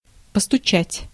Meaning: 1. to knock 2. to rap, to tap
- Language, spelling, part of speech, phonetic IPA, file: Russian, постучать, verb, [pəstʊˈt͡ɕætʲ], Ru-постучать.ogg